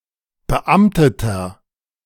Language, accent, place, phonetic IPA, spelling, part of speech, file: German, Germany, Berlin, [bəˈʔamtətɐ], beamteter, adjective, De-beamteter.ogg
- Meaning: inflection of beamtet: 1. strong/mixed nominative masculine singular 2. strong genitive/dative feminine singular 3. strong genitive plural